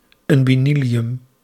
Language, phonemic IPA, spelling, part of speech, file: Dutch, /ˌʏmbiˈnilijʏm/, unbinilium, noun, Nl-unbinilium.ogg
- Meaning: unbinilium